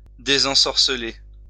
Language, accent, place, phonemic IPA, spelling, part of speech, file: French, France, Lyon, /de.zɑ̃.sɔʁ.sə.le/, désensorceler, verb, LL-Q150 (fra)-désensorceler.wav
- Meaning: to unbewitch